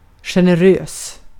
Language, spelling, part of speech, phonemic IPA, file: Swedish, generös, adjective, /ɧɛnɛˈrøːs/, Sv-generös.ogg
- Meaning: generous